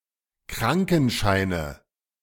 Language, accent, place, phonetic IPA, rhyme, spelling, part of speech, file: German, Germany, Berlin, [ˈkʁaŋkn̩ʃaɪ̯nə], -aŋkn̩ʃaɪ̯nə, Krankenscheine, noun, De-Krankenscheine.ogg
- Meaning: nominative/accusative/genitive plural of Krankenschein